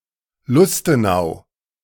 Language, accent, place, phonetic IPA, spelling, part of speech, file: German, Germany, Berlin, [ˈlʊstəˌnaʊ̯], Lustenau, proper noun, De-Lustenau.ogg
- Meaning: a municipality of Vorarlberg, Austria